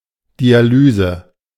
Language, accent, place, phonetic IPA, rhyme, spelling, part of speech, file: German, Germany, Berlin, [diaˈlyːzə], -yːzə, Dialyse, noun, De-Dialyse.ogg
- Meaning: dialysis